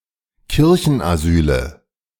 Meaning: nominative/accusative/genitive plural of Kirchenasyl
- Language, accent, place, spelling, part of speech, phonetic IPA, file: German, Germany, Berlin, Kirchenasyle, noun, [ˈkɪʁçn̩ʔaˌzyːlə], De-Kirchenasyle.ogg